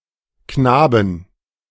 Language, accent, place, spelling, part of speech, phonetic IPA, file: German, Germany, Berlin, Knaben, noun, [ˈknaːbn̩], De-Knaben.ogg
- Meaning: inflection of Knabe: 1. genitive/dative/accusative singular 2. nominative/genitive/dative/accusative plural